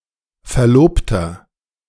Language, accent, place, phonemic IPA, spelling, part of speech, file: German, Germany, Berlin, /fɛɐ̯ˈloːptɐ/, Verlobter, noun, De-Verlobter.ogg
- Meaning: 1. fiancé 2. inflection of Verlobte: strong genitive/dative singular 3. inflection of Verlobte: strong genitive plural